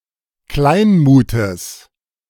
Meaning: genitive singular of Kleinmut
- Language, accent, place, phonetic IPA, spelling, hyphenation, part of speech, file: German, Germany, Berlin, [ˈklaɪ̯nmuːtəs], Kleinmutes, Klein‧mu‧tes, noun, De-Kleinmutes.ogg